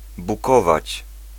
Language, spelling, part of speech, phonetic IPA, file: Polish, bukować, verb, [buˈkɔvat͡ɕ], Pl-bukować.ogg